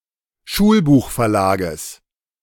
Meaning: genitive singular of Schulbuchverlag
- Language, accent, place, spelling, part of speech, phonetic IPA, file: German, Germany, Berlin, Schulbuchverlages, noun, [ˈʃuːlbuːxfɛɐ̯ˌlaːɡəs], De-Schulbuchverlages.ogg